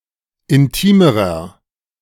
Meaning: inflection of intim: 1. strong/mixed nominative masculine singular comparative degree 2. strong genitive/dative feminine singular comparative degree 3. strong genitive plural comparative degree
- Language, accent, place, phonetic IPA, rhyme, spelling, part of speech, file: German, Germany, Berlin, [ɪnˈtiːməʁɐ], -iːməʁɐ, intimerer, adjective, De-intimerer.ogg